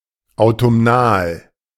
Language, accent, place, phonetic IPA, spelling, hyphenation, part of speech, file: German, Germany, Berlin, [aʊ̯tʊmˈnaːl], autumnal, au‧tum‧nal, adjective, De-autumnal.ogg
- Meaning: autumnal